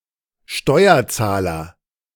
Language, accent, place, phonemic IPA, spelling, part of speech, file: German, Germany, Berlin, /ˈʃtɔʏɐˌtsaːlɐ/, Steuerzahler, noun, De-Steuerzahler.ogg
- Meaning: taxpayer (male or of unspecified gender)